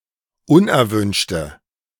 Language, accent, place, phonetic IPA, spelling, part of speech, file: German, Germany, Berlin, [ˈʊnʔɛɐ̯ˌvʏnʃtə], unerwünschte, adjective, De-unerwünschte.ogg
- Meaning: inflection of unerwünscht: 1. strong/mixed nominative/accusative feminine singular 2. strong nominative/accusative plural 3. weak nominative all-gender singular